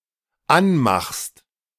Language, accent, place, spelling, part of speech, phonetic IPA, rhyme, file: German, Germany, Berlin, anmachst, verb, [ˈanˌmaxst], -anmaxst, De-anmachst.ogg
- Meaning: second-person singular dependent present of anmachen